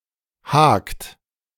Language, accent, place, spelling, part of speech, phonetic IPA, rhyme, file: German, Germany, Berlin, hakt, verb, [haːkt], -aːkt, De-hakt.ogg
- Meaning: inflection of haken: 1. second-person plural present 2. third-person singular present 3. plural imperative